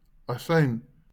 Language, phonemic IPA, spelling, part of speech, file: Afrikaans, /aˈsəin/, asyn, noun, LL-Q14196 (afr)-asyn.wav
- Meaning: vinegar